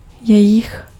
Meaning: their: possessive pronoun of oni /ony /ona
- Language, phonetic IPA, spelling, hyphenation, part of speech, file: Czech, [ˈjɛjɪx], jejich, je‧jich, pronoun, Cs-jejich.ogg